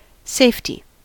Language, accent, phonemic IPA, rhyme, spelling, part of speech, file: English, US, /ˈseɪfti/, -eɪfti, safety, noun / verb, En-us-safety.ogg
- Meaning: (noun) The condition or feeling of being safe; security; certainty